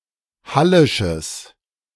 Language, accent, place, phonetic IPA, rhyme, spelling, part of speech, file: German, Germany, Berlin, [ˈhalɪʃəs], -alɪʃəs, hallisches, adjective, De-hallisches.ogg
- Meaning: strong/mixed nominative/accusative neuter singular of hallisch